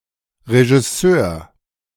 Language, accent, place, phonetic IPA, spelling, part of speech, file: German, Germany, Berlin, [ʁeʒɪˈsøːɐ̯], Regisseur, noun, De-Regisseur.ogg
- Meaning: 1. director (male or of unspecified gender) 2. trainer, coach (male or of unspecified gender)